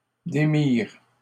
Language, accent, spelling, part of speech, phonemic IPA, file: French, Canada, démirent, verb, /de.miʁ/, LL-Q150 (fra)-démirent.wav
- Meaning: third-person plural past historic of démettre